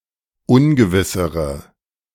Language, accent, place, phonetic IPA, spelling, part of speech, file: German, Germany, Berlin, [ˈʊnɡəvɪsəʁə], ungewissere, adjective, De-ungewissere.ogg
- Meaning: inflection of ungewiss: 1. strong/mixed nominative/accusative feminine singular comparative degree 2. strong nominative/accusative plural comparative degree